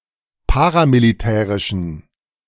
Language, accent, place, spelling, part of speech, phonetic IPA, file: German, Germany, Berlin, paramilitärischen, adjective, [ˈpaːʁamiliˌtɛːʁɪʃn̩], De-paramilitärischen.ogg
- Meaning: inflection of paramilitärisch: 1. strong genitive masculine/neuter singular 2. weak/mixed genitive/dative all-gender singular 3. strong/weak/mixed accusative masculine singular 4. strong dative plural